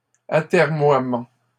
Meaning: procrastination
- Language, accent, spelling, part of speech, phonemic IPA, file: French, Canada, atermoiement, noun, /a.tɛʁ.mwa.mɑ̃/, LL-Q150 (fra)-atermoiement.wav